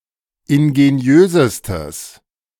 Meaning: strong/mixed nominative/accusative neuter singular superlative degree of ingeniös
- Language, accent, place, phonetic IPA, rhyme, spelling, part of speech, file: German, Germany, Berlin, [ɪnɡeˈni̯øːzəstəs], -øːzəstəs, ingeniösestes, adjective, De-ingeniösestes.ogg